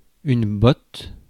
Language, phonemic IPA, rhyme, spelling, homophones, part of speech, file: French, /bɔt/, -ɔt, botte, bot / bote / botes / bots / bottes, noun / verb, Fr-botte.ogg
- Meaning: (noun) 1. boot (footwear) 2. something resembling a boot 3. oppression 4. the top of the class in polytechnic school